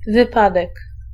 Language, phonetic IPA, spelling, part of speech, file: Polish, [vɨˈpadɛk], wypadek, noun, Pl-wypadek.ogg